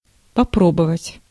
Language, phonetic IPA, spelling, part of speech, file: Russian, [pɐˈprobəvətʲ], попробовать, verb, Ru-попробовать.ogg
- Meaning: 1. to test, to attempt, to try 2. to taste (to sample the flavor of something)